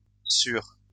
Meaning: 1. over, on top of 2. over- (excessive; excessively; too much)
- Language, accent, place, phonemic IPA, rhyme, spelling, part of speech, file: French, France, Lyon, /syʁ/, -yʁ, sur-, prefix, LL-Q150 (fra)-sur-.wav